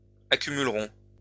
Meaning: third-person plural simple future of accumuler
- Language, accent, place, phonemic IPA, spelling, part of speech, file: French, France, Lyon, /a.ky.myl.ʁɔ̃/, accumuleront, verb, LL-Q150 (fra)-accumuleront.wav